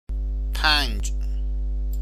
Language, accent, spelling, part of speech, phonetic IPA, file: Persian, Iran, پنج, numeral, [pʰænd͡ʒ̥], Fa-پنج.ogg
- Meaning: five